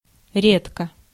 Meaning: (adverb) 1. rarely, seldom 2. sparsely; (adjective) short neuter singular of ре́дкий (rédkij)
- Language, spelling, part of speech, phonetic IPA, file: Russian, редко, adverb / adjective, [ˈrʲetkə], Ru-редко.ogg